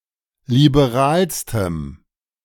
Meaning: strong dative masculine/neuter singular superlative degree of liberal
- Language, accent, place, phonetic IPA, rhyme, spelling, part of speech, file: German, Germany, Berlin, [libeˈʁaːlstəm], -aːlstəm, liberalstem, adjective, De-liberalstem.ogg